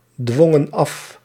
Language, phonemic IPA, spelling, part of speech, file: Dutch, /ˈdwɔŋə(n) ˈɑf/, dwongen af, verb, Nl-dwongen af.ogg
- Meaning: inflection of afdwingen: 1. plural past indicative 2. plural past subjunctive